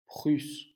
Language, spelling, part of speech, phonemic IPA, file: French, Prusse, proper noun, /pʁys/, LL-Q150 (fra)-Prusse.wav
- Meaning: Prussia (a geographical area on the Baltic coast of Northeast Europe)